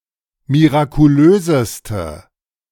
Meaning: inflection of mirakulös: 1. strong/mixed nominative/accusative feminine singular superlative degree 2. strong nominative/accusative plural superlative degree
- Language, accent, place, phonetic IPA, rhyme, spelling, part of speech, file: German, Germany, Berlin, [miʁakuˈløːzəstə], -øːzəstə, mirakulöseste, adjective, De-mirakulöseste.ogg